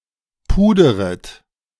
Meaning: second-person plural subjunctive I of pudern
- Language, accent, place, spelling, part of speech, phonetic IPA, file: German, Germany, Berlin, puderet, verb, [ˈpuːdəʁət], De-puderet.ogg